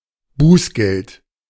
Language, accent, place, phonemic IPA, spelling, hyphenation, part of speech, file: German, Germany, Berlin, /ˈbuːsɡɛlt/, Bußgeld, Buß‧geld, noun, De-Bußgeld.ogg
- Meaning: a fine for a non-criminal act (e.g. speeding, breaking a contract, etc.)